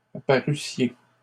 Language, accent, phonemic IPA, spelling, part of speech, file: French, Canada, /a.pa.ʁy.sje/, apparussiez, verb, LL-Q150 (fra)-apparussiez.wav
- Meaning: second-person plural imperfect subjunctive of apparaître